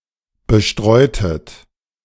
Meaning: inflection of bestreuen: 1. second-person plural preterite 2. second-person plural subjunctive II
- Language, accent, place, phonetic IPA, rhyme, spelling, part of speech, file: German, Germany, Berlin, [bəˈʃtʁɔɪ̯tət], -ɔɪ̯tət, bestreutet, verb, De-bestreutet.ogg